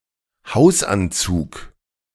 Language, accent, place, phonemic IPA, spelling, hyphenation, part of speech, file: German, Germany, Berlin, /ˈhaʊ̯sʔanˌt͡suːk/, Hausanzug, Haus‧an‧zug, noun, De-Hausanzug.ogg
- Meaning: leisure suit